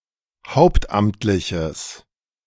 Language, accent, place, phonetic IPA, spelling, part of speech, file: German, Germany, Berlin, [ˈhaʊ̯ptˌʔamtlɪçəs], hauptamtliches, adjective, De-hauptamtliches.ogg
- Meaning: strong/mixed nominative/accusative neuter singular of hauptamtlich